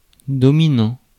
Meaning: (verb) present participle of dominer; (adjective) dominant
- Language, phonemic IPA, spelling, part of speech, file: French, /dɔ.mi.nɑ̃/, dominant, verb / adjective, Fr-dominant.ogg